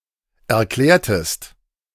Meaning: inflection of erklären: 1. second-person singular preterite 2. second-person singular subjunctive II
- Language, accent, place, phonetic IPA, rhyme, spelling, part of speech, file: German, Germany, Berlin, [ɛɐ̯ˈklɛːɐ̯təst], -ɛːɐ̯təst, erklärtest, verb, De-erklärtest.ogg